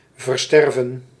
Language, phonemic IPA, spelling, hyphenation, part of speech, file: Dutch, /vərˈstɛrvə(n)/, versterven, ver‧ster‧ven, verb, Nl-versterven.ogg
- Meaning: 1. to die slowly (by refusing to eat or to drink) 2. to bequeath after death